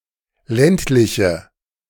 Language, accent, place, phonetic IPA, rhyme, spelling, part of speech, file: German, Germany, Berlin, [ˈlɛntlɪçə], -ɛntlɪçə, ländliche, adjective, De-ländliche.ogg
- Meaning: inflection of ländlich: 1. strong/mixed nominative/accusative feminine singular 2. strong nominative/accusative plural 3. weak nominative all-gender singular